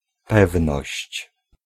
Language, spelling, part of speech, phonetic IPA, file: Polish, pewność, noun, [ˈpɛvnɔɕt͡ɕ], Pl-pewność.ogg